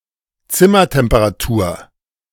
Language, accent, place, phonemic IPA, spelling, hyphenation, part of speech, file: German, Germany, Berlin, /ˈt͡sɪmɐtɛmpəʁaˌtuːɐ̯/, Zimmertemperatur, Zim‧mer‧tem‧pe‧ra‧tur, noun, De-Zimmertemperatur.ogg
- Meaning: room temperature